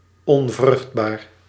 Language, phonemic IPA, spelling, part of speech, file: Dutch, /ɔɱˈvrʏx(t)bar/, onvruchtbaar, adjective, Nl-onvruchtbaar.ogg
- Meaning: infertile, sterile, barren